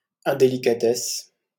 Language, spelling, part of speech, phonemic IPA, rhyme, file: French, indélicatesse, noun, /ɛ̃.de.li.ka.tɛs/, -ɛs, LL-Q150 (fra)-indélicatesse.wav
- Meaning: 1. indelicacy 2. tactlessness 3. dishonesty